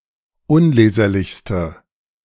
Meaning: inflection of unleserlich: 1. strong/mixed nominative/accusative feminine singular superlative degree 2. strong nominative/accusative plural superlative degree
- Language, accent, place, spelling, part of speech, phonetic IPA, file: German, Germany, Berlin, unleserlichste, adjective, [ˈʊnˌleːzɐlɪçstə], De-unleserlichste.ogg